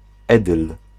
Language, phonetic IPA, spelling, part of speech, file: Polish, [ˈɛdɨl], edyl, noun, Pl-edyl.ogg